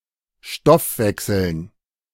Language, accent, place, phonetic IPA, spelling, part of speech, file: German, Germany, Berlin, [ˈʃtɔfˌvɛksl̩n], Stoffwechseln, noun, De-Stoffwechseln.ogg
- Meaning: dative plural of Stoffwechsel